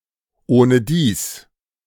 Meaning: anyway, anyhow
- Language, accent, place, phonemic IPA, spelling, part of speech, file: German, Germany, Berlin, /oːnəˈdiːs/, ohnedies, adverb, De-ohnedies.ogg